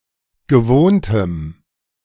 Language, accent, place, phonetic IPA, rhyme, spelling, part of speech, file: German, Germany, Berlin, [ɡəˈvoːntəm], -oːntəm, gewohntem, adjective, De-gewohntem.ogg
- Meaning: strong dative masculine/neuter singular of gewohnt